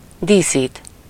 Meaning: to decorate, ornament
- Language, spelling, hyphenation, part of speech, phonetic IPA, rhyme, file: Hungarian, díszít, dí‧szít, verb, [ˈdiːsiːt], -iːt, Hu-díszít.ogg